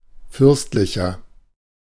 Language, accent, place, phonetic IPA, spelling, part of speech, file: German, Germany, Berlin, [ˈfʏʁstlɪçɐ], fürstlicher, adjective, De-fürstlicher.ogg
- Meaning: 1. comparative degree of fürstlich 2. inflection of fürstlich: strong/mixed nominative masculine singular 3. inflection of fürstlich: strong genitive/dative feminine singular